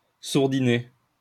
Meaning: to stop the vibrations of a power line support
- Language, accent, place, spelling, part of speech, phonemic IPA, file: French, France, Lyon, sourdiner, verb, /suʁ.di.ne/, LL-Q150 (fra)-sourdiner.wav